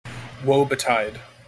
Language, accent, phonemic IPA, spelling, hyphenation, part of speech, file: English, General American, /ˌwoʊ bəˈtaɪd/, woe betide, woe be‧tide, verb, En-us-woe betide.mp3
- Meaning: Used to warn someone that trouble will occur if that person does something: bad things will happen to